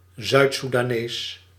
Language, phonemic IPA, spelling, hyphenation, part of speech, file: Dutch, /ˌzœy̯t.su.daːˈneːs/, Zuid-Soedanees, Zuid-Soe‧da‧nees, noun / adjective, Nl-Zuid-Soedanees.ogg
- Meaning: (noun) a South Sudanese person, an inhabitant of South Sudan; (adjective) South Sudanese